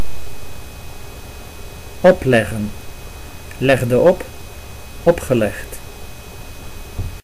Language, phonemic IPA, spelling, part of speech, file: Dutch, /ˈɔplɛɣə(n)/, opleggen, verb, Nl-opleggen.ogg
- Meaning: 1. to put on 2. to impose